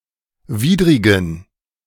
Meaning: inflection of widrig: 1. strong genitive masculine/neuter singular 2. weak/mixed genitive/dative all-gender singular 3. strong/weak/mixed accusative masculine singular 4. strong dative plural
- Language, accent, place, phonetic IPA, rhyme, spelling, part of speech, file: German, Germany, Berlin, [ˈviːdʁɪɡn̩], -iːdʁɪɡn̩, widrigen, adjective, De-widrigen.ogg